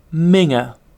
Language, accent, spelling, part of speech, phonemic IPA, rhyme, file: English, UK, minger, noun, /ˈmɪŋə/, -ɪŋə, En-uk-minger.ogg
- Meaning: An unattractive or ugly person